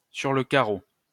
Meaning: 1. down, on the ground (as a result of having fainted or keeled over) 2. by the wayside, stranded 3. penniless, broke
- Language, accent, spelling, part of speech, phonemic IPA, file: French, France, sur le carreau, adverb, /syʁ lə ka.ʁo/, LL-Q150 (fra)-sur le carreau.wav